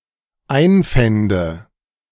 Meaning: first/third-person singular dependent subjunctive II of einfinden
- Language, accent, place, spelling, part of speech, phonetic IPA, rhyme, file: German, Germany, Berlin, einfände, verb, [ˈaɪ̯nˌfɛndə], -aɪ̯nfɛndə, De-einfände.ogg